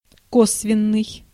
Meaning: 1. oblique (placed or moving at an angle) 2. oblique (not direct in descent; not following the line of father and son; collateral) 3. indirect 4. circumstantial
- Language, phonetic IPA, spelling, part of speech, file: Russian, [ˈkosvʲɪn(ː)ɨj], косвенный, adjective, Ru-косвенный.ogg